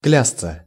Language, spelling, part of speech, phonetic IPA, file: Russian, клясться, verb, [ˈklʲast͡sə], Ru-клясться.ogg
- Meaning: 1. to vow, to swear (to make a vow) 2. passive of клясть (kljastʹ)